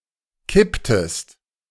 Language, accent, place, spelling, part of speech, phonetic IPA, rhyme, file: German, Germany, Berlin, kipptest, verb, [ˈkɪptəst], -ɪptəst, De-kipptest.ogg
- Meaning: inflection of kippen: 1. second-person singular preterite 2. second-person singular subjunctive II